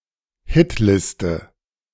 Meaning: list of hits
- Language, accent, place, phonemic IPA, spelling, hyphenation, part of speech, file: German, Germany, Berlin, /ˈhɪtˌlɪstə/, Hitliste, Hit‧lis‧te, noun, De-Hitliste.ogg